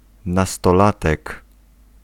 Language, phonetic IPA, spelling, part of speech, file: Polish, [ˌnastɔˈlatɛk], nastolatek, noun, Pl-nastolatek.ogg